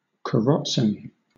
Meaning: A type of traditional carriage pulled by a horse or pair of horses
- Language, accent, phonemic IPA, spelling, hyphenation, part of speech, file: English, Southern England, /kəˈɹɒtsɪn/, karozzin, ka‧roz‧zin, noun, LL-Q1860 (eng)-karozzin.wav